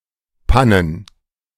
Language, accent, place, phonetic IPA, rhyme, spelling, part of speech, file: German, Germany, Berlin, [ˈpanən], -anən, Pannen, noun, De-Pannen.ogg
- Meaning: plural of Panne